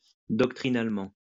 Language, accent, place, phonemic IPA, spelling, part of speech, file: French, France, Lyon, /dɔk.tʁi.nal.mɑ̃/, doctrinalement, adverb, LL-Q150 (fra)-doctrinalement.wav
- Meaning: doctrinally